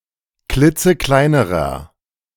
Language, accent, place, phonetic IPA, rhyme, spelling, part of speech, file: German, Germany, Berlin, [ˈklɪt͡səˈklaɪ̯nəʁɐ], -aɪ̯nəʁɐ, klitzekleinerer, adjective, De-klitzekleinerer.ogg
- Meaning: inflection of klitzeklein: 1. strong/mixed nominative masculine singular comparative degree 2. strong genitive/dative feminine singular comparative degree 3. strong genitive plural comparative degree